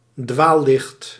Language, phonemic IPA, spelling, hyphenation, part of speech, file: Dutch, /ˈdʋaː(l).lɪxt/, dwaallicht, dwaal‧licht, noun, Nl-dwaallicht.ogg
- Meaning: will o' the wisp